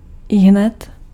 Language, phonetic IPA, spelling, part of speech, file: Czech, [ˈɪɦnɛt], ihned, adverb, Cs-ihned.ogg
- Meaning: immediately, right away